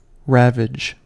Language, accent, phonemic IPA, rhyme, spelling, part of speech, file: English, US, /ˈɹævɪd͡ʒ/, -ævɪd͡ʒ, ravage, verb / noun, En-us-ravage.ogg
- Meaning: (verb) 1. To devastate, destroy or lay waste to something 2. To pillage or plunder destructively; to sack 3. To wreak destruction 4. To have vigorous sexual intercourse with 5. To rape